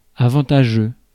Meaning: 1. advantageous 2. haughty, pompous
- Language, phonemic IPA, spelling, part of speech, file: French, /a.vɑ̃.ta.ʒø/, avantageux, adjective, Fr-avantageux.ogg